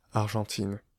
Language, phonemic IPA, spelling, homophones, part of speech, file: French, /aʁ.ʒɑ̃.tin/, Argentine, Argentines, proper noun / noun, Fr-Argentine.ogg
- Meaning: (proper noun) Argentina (a country in South America); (noun) female equivalent of Argentin